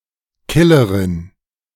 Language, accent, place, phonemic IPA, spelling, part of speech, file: German, Germany, Berlin, /ˈkɪləʁɪn/, Killerin, noun, De-Killerin.ogg
- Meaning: female equivalent of Killer: female paid killer or contract killer, female murderer, gunwoman, hitwoman